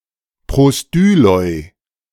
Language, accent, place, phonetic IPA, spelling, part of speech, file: German, Germany, Berlin, [ˌpʁoˈstyːlɔɪ̯], Prostyloi, noun, De-Prostyloi.ogg
- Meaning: plural of Prostylos